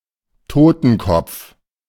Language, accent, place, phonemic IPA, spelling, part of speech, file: German, Germany, Berlin, /ˈtoːtn̩ˌkɔp͡f/, Totenkopf, noun, De-Totenkopf.ogg
- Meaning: death's head, skull and crossbones (symbol of death, piracy, etc.)